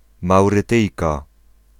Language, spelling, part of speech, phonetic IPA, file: Polish, Maurytyjka, noun, [ˌmawrɨˈtɨjka], Pl-Maurytyjka.ogg